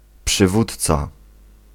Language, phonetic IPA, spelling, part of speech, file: Polish, [pʃɨˈvutt͡sa], przywódca, noun, Pl-przywódca.ogg